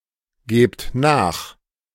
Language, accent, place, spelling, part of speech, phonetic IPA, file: German, Germany, Berlin, gebt nach, verb, [ˌɡeːpt ˈnaːx], De-gebt nach.ogg
- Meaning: inflection of nachgeben: 1. second-person plural present 2. plural imperative